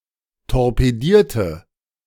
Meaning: inflection of torpedieren: 1. first/third-person singular preterite 2. first/third-person singular subjunctive II
- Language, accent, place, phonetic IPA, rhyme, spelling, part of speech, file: German, Germany, Berlin, [tɔʁpeˈdiːɐ̯tə], -iːɐ̯tə, torpedierte, adjective / verb, De-torpedierte.ogg